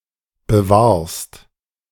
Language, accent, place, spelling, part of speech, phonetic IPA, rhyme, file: German, Germany, Berlin, bewahrst, verb, [bəˈvaːɐ̯st], -aːɐ̯st, De-bewahrst.ogg
- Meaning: second-person singular present of bewahren